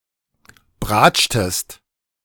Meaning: inflection of bratschen: 1. second-person singular preterite 2. second-person singular subjunctive II
- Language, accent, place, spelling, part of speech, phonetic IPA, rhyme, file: German, Germany, Berlin, bratschtest, verb, [ˈbʁaːt͡ʃtəst], -aːt͡ʃtəst, De-bratschtest.ogg